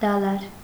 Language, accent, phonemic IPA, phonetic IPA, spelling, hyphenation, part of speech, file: Armenian, Eastern Armenian, /dɑˈlɑɾ/, [dɑlɑ́ɾ], դալար, դա‧լար, adjective / noun, Hy-դալար.ogg
- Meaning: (adjective) 1. green, verdant (of vegetation) 2. young (newly sprouted) 3. youthful, energetic, vigorous 4. flexible, pliable, supple; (noun) verdure, vegetation